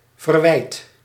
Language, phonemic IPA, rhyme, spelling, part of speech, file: Dutch, /vərˈʋɛi̯t/, -ɛi̯t, verwijt, noun / verb, Nl-verwijt.ogg
- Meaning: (noun) reproach; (verb) inflection of verwijten: 1. first/second/third-person singular present indicative 2. imperative